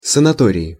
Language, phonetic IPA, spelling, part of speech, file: Russian, [sənɐˈtorʲɪɪ], санатории, noun, Ru-санатории.ogg
- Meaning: inflection of санато́рий (sanatórij): 1. nominative/accusative plural 2. prepositional singular